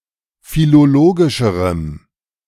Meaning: strong dative masculine/neuter singular comparative degree of philologisch
- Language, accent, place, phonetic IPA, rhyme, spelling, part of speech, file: German, Germany, Berlin, [filoˈloːɡɪʃəʁəm], -oːɡɪʃəʁəm, philologischerem, adjective, De-philologischerem.ogg